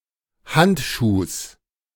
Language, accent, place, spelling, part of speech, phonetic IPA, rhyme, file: German, Germany, Berlin, Handschuhs, noun, [ˈhantʃuːs], -antʃuːs, De-Handschuhs.ogg
- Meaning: genitive singular of Handschuh